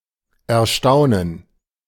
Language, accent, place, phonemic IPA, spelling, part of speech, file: German, Germany, Berlin, /ɛɐ̯ˈʃtaʊ̯nən/, Erstaunen, noun, De-Erstaunen.ogg
- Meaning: 1. gerund of erstaunen 2. gerund of erstaunen: astonishment